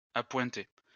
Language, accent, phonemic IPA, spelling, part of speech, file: French, France, /a.pwɛ̃.te/, appointer, verb, LL-Q150 (fra)-appointer.wav
- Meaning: 1. to salary (attribute a salary to a position) 2. to appoint (attribute a job, a position to someone) 3. to sharpen into a point 4. to unite; to become united